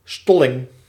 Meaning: 1. solidification 2. coagulation
- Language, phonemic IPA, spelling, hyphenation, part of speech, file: Dutch, /ˈstɔ.lɪŋ/, stolling, stol‧ling, noun, Nl-stolling.ogg